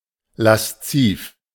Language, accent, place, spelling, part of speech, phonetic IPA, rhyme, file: German, Germany, Berlin, lasziv, adjective, [lasˈt͜siːf], -iːf, De-lasziv.ogg
- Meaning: lascivious; wanton